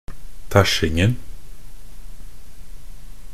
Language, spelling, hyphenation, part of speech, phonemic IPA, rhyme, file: Norwegian Bokmål, tæsjingen, tæsj‧ing‧en, noun, /ˈtæʃːɪŋn̩/, -ɪŋn̩, Nb-tæsjingen.ogg
- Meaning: definite singular of tæsjing